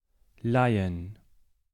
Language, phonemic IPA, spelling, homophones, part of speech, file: German, /ˈlaɪ̯ən/, Laien, leihen, noun, De-Laien.ogg
- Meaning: plural of Laie